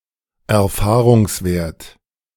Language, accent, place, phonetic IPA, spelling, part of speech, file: German, Germany, Berlin, [ɛɐ̯ˈfaːʁʊŋsˌveːɐ̯t], Erfahrungswert, noun, De-Erfahrungswert.ogg
- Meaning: empirical value